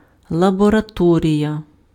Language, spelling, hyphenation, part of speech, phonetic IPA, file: Ukrainian, лабораторія, ла‧бо‧ра‧то‧рія, noun, [ɫɐbɔrɐˈtɔrʲijɐ], Uk-лабораторія.ogg
- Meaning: laboratory